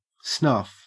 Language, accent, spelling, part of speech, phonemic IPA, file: English, Australia, snuff, noun / verb, /snɐf/, En-au-snuff.ogg
- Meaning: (noun) Finely ground or pulverized tobacco (or other plant derivative) intended for use by being sniffed or snorted into the nose